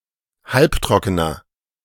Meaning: inflection of halbtrocken: 1. strong/mixed nominative masculine singular 2. strong genitive/dative feminine singular 3. strong genitive plural
- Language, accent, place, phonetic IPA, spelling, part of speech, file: German, Germany, Berlin, [ˈhalpˌtʁɔkənɐ], halbtrockener, adjective, De-halbtrockener.ogg